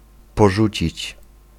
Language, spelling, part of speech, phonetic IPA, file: Polish, porzucić, verb, [pɔˈʒut͡ɕit͡ɕ], Pl-porzucić.ogg